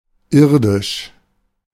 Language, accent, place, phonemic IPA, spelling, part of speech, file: German, Germany, Berlin, /ˈɪrdɪʃ/, irdisch, adjective, De-irdisch.ogg
- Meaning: 1. terrestrial, earthly 2. worldly, mundane